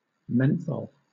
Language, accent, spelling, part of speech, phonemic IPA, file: English, Southern England, menthol, noun, /ˈmɛnθɒl/, LL-Q1860 (eng)-menthol.wav